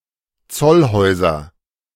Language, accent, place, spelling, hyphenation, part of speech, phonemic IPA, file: German, Germany, Berlin, Zollhäuser, Zoll‧häu‧ser, noun, /ˈt͡sɔlˌhɔɪ̯zɐ/, De-Zollhäuser.ogg
- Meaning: nominative/accusative/genitive plural of Zollhaus